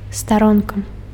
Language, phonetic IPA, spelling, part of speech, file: Belarusian, [staˈronka], старонка, noun, Be-старонка.ogg
- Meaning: 1. page 2. ellipsis of вэб-старо́нка (veb-starónka): webpage